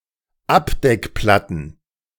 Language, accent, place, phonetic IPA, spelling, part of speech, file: German, Germany, Berlin, [ˈapdɛkˌplatn̩], Abdeckplatten, noun, De-Abdeckplatten.ogg
- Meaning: plural of Abdeckplatte